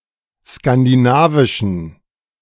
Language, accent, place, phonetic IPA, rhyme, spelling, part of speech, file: German, Germany, Berlin, [skandiˈnaːvɪʃn̩], -aːvɪʃn̩, skandinavischen, adjective, De-skandinavischen.ogg
- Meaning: inflection of skandinavisch: 1. strong genitive masculine/neuter singular 2. weak/mixed genitive/dative all-gender singular 3. strong/weak/mixed accusative masculine singular 4. strong dative plural